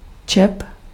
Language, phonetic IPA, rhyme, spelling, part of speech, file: Czech, [ˈt͡ʃɛp], -ɛp, čep, noun, Cs-čep.ogg
- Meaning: pivot, peg, pin